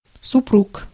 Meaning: 1. husband, male spouse 2. husband and wife, couple 3. genitive/accusative plural of супру́га (suprúga)
- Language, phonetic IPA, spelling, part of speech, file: Russian, [sʊˈpruk], супруг, noun, Ru-супруг.ogg